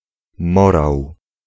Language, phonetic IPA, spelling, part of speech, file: Polish, [ˈmɔraw], morał, noun, Pl-morał.ogg